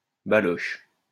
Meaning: inflection of balocher: 1. first/third-person singular present indicative/subjunctive 2. second-person singular imperative
- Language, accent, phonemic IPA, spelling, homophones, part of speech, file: French, France, /ba.lɔʃ/, baloche, balochent / baloches, verb, LL-Q150 (fra)-baloche.wav